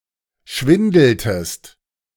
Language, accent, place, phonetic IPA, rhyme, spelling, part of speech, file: German, Germany, Berlin, [ˈʃvɪndl̩təst], -ɪndl̩təst, schwindeltest, verb, De-schwindeltest.ogg
- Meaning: inflection of schwindeln: 1. second-person singular preterite 2. second-person singular subjunctive II